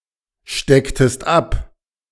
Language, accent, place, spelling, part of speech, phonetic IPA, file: German, Germany, Berlin, stecktest ab, verb, [ˌʃtɛktəst ˈap], De-stecktest ab.ogg
- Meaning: inflection of abstecken: 1. second-person singular preterite 2. second-person singular subjunctive II